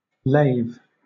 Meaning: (verb) 1. To bathe or wash (someone or something) 2. Of a river or other water body: to flow along or past (a place or thing); to wash
- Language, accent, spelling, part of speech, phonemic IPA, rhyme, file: English, Southern England, lave, verb / noun / adjective, /leɪv/, -eɪv, LL-Q1860 (eng)-lave.wav